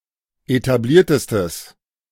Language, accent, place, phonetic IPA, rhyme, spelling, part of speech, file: German, Germany, Berlin, [etaˈbliːɐ̯təstəs], -iːɐ̯təstəs, etabliertestes, adjective, De-etabliertestes.ogg
- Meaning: strong/mixed nominative/accusative neuter singular superlative degree of etabliert